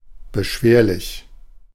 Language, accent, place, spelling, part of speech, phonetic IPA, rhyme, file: German, Germany, Berlin, beschwerlich, adjective, [bəˈʃveːɐ̯lɪç], -eːɐ̯lɪç, De-beschwerlich.ogg
- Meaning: onerous, burdensome